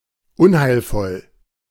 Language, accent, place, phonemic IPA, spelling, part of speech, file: German, Germany, Berlin, /ˈʊnhaɪ̯lˌfɔl/, unheilvoll, adjective, De-unheilvoll.ogg
- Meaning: malign, portentous, sinister